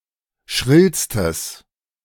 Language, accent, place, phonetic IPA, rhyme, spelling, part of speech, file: German, Germany, Berlin, [ˈʃʁɪlstəs], -ɪlstəs, schrillstes, adjective, De-schrillstes.ogg
- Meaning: strong/mixed nominative/accusative neuter singular superlative degree of schrill